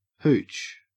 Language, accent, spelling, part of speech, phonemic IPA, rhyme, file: English, Australia, hooch, noun, /huːt͡ʃ/, -uːtʃ, En-au-hooch.ogg
- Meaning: 1. An alcoholic beverage, especially an inferior or illicit one and especially liquor such as whisky 2. A thatched hut, CHU, or any simple dwelling 3. Alternative form of hoosh (“type of stew”)